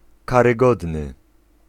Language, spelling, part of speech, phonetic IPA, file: Polish, karygodny, adjective, [ˌkarɨˈɡɔdnɨ], Pl-karygodny.ogg